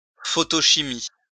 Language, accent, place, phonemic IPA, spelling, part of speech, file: French, France, Lyon, /fɔ.tɔ.ʃi.mi/, photochimie, noun, LL-Q150 (fra)-photochimie.wav
- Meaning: photochemistry